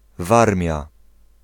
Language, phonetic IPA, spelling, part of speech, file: Polish, [ˈvarmʲja], Warmia, proper noun, Pl-Warmia.ogg